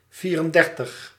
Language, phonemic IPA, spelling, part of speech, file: Dutch, /ˈviː.rənˌdɛr.təx/, vierendertig, numeral, Nl-vierendertig.ogg
- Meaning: thirty-four